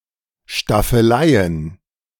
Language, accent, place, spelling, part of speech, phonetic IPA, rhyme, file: German, Germany, Berlin, Staffeleien, noun, [ʃtafəˈlaɪ̯ən], -aɪ̯ən, De-Staffeleien.ogg
- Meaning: plural of Staffelei